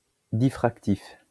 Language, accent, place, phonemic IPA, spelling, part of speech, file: French, France, Lyon, /di.fʁak.tif/, diffractif, adjective, LL-Q150 (fra)-diffractif.wav
- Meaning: diffractive